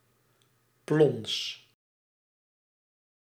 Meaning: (noun) a splash, sound of a splash; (interjection) the noise made from something splashing against a surface
- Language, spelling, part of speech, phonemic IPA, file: Dutch, plons, noun / interjection, /plɔns/, Nl-plons.ogg